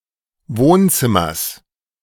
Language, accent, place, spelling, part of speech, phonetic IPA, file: German, Germany, Berlin, Wohnzimmers, noun, [ˈvoːnˌt͡sɪmɐs], De-Wohnzimmers.ogg
- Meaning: genitive singular of Wohnzimmer